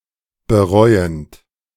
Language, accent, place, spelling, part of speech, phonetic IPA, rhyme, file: German, Germany, Berlin, bereuend, verb, [bəˈʁɔɪ̯ənt], -ɔɪ̯ənt, De-bereuend.ogg
- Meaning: present participle of bereuen